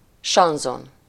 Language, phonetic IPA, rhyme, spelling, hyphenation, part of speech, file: Hungarian, [ˈʃɒnzon], -on, sanzon, san‧zon, noun, Hu-sanzon.ogg
- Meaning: chanson